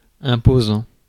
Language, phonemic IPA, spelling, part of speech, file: French, /ɛ̃.po.zɑ̃/, imposant, verb / adjective, Fr-imposant.ogg
- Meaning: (verb) present participle of imposer; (adjective) imposing, impressive